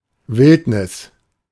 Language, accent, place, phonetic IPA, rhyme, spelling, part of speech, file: German, Germany, Berlin, [ˈvɪltnɪs], -ɪltnɪs, Wildnis, noun, De-Wildnis.ogg
- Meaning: wilderness